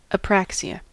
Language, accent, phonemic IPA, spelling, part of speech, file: English, US, /əˈpɹæksɪə/, apraxia, noun, En-us-apraxia.ogg
- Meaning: Total or partial loss of the ability to perform coordinated movements or manipulate objects in the absence of motor or sensory impairment; specifically, a disorder of motor planning